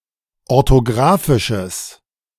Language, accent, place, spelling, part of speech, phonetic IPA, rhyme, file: German, Germany, Berlin, orthografisches, adjective, [ɔʁtoˈɡʁaːfɪʃəs], -aːfɪʃəs, De-orthografisches.ogg
- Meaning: strong/mixed nominative/accusative neuter singular of orthografisch